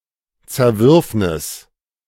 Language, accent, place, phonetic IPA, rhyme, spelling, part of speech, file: German, Germany, Berlin, [t͡sɛɐ̯ˈvʏʁfnɪs], -ʏʁfnɪs, Zerwürfnis, noun, De-Zerwürfnis.ogg
- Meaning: 1. rift 2. discord 3. disagreement 4. dispute 5. quarrel 6. falling out